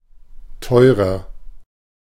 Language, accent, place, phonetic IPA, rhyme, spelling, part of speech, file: German, Germany, Berlin, [ˈtɔɪ̯ʁɐ], -ɔɪ̯ʁɐ, teurer, adjective, De-teurer.ogg
- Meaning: 1. comparative degree of teuer 2. inflection of teuer: strong/mixed nominative masculine singular 3. inflection of teuer: strong genitive/dative feminine singular